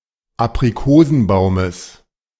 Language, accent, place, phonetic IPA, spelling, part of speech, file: German, Germany, Berlin, [apʁiˈkoːzn̩ˌbaʊ̯məs], Aprikosenbaumes, noun, De-Aprikosenbaumes.ogg
- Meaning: genitive singular of Aprikosenbaum